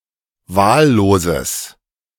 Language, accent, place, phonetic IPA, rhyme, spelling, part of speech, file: German, Germany, Berlin, [ˈvaːlloːzəs], -aːlloːzəs, wahlloses, adjective, De-wahlloses.ogg
- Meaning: strong/mixed nominative/accusative neuter singular of wahllos